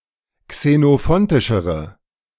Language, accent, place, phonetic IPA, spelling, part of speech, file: German, Germany, Berlin, [ksenoˈfɔntɪʃəʁə], xenophontischere, adjective, De-xenophontischere.ogg
- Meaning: inflection of xenophontisch: 1. strong/mixed nominative/accusative feminine singular comparative degree 2. strong nominative/accusative plural comparative degree